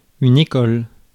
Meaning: school
- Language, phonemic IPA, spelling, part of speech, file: French, /e.kɔl/, école, noun, Fr-école.ogg